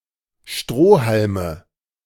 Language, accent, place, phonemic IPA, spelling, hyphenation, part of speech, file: German, Germany, Berlin, /ˈʃtʁoː.hal.mə/, Strohhalme, Stroh‧hal‧me, noun, De-Strohhalme.ogg
- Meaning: nominative/accusative/genitive plural of Strohhalm